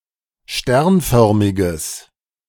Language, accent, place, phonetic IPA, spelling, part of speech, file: German, Germany, Berlin, [ˈʃtɛʁnˌfœʁmɪɡəs], sternförmiges, adjective, De-sternförmiges.ogg
- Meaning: strong/mixed nominative/accusative neuter singular of sternförmig